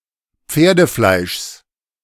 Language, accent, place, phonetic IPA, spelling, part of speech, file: German, Germany, Berlin, [ˈp͡feːɐ̯dəˌflaɪ̯ʃs], Pferdefleischs, noun, De-Pferdefleischs.ogg
- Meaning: genitive of Pferdefleisch